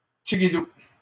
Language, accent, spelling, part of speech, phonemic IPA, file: French, Canada, tigidou, adjective, /ti.ɡi.du/, LL-Q150 (fra)-tigidou.wav
- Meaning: alternative form of tiguidou